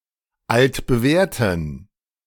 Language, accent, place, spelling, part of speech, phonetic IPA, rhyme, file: German, Germany, Berlin, altbewährten, adjective, [ˌaltbəˈvɛːɐ̯tn̩], -ɛːɐ̯tn̩, De-altbewährten.ogg
- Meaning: inflection of altbewährt: 1. strong genitive masculine/neuter singular 2. weak/mixed genitive/dative all-gender singular 3. strong/weak/mixed accusative masculine singular 4. strong dative plural